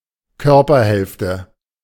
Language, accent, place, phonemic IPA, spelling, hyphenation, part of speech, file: German, Germany, Berlin, /ˈkœʁpɐˌhɛlftə/, Körperhälfte, Kör‧per‧hälf‧te, noun, De-Körperhälfte.ogg
- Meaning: body half